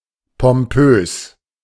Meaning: pompous
- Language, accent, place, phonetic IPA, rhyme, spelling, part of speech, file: German, Germany, Berlin, [pɔmˈpøːs], -øːs, pompös, adjective, De-pompös.ogg